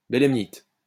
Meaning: belemnite
- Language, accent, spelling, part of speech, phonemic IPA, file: French, France, bélemnite, noun, /be.lɛm.nit/, LL-Q150 (fra)-bélemnite.wav